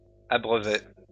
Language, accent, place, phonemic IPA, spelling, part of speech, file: French, France, Lyon, /a.bʁœ.ve/, abreuvai, verb, LL-Q150 (fra)-abreuvai.wav
- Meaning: first-person singular past historic of abreuver